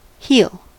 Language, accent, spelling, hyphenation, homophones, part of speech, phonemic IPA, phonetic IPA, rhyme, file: English, US, heal, heal, heel / he'll, verb / noun, /ˈhiːl/, [ˈhɪi̯l], -iːl, En-us-heal.ogg
- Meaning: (verb) 1. To make better from a disease, wound, etc.; to revive or cure 2. To become better or healthy again 3. To reconcile, as a breach or difference; to make whole; to free from guilt